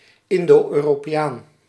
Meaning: 1. a person of mixed Indonesian and European descent; an Indo 2. an Indo-European, a historic speaker of a lect of Indo-European
- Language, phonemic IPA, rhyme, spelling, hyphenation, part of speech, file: Dutch, /ˌɪn.doː.øː.roː.peːˈaːn/, -aːn, Indo-Europeaan, In‧do-Eu‧ro‧pe‧aan, noun, Nl-Indo-Europeaan.ogg